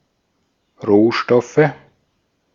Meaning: nominative/accusative/genitive plural of Rohstoff
- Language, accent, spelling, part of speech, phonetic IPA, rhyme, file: German, Austria, Rohstoffe, noun, [ˈʁoːˌʃtɔfə], -oːʃtɔfə, De-at-Rohstoffe.ogg